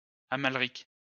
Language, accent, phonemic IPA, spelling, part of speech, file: French, France, /a.mal.ʁik/, Amalric, proper noun, LL-Q150 (fra)-Amalric.wav
- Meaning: 1. a surname 2. a male given name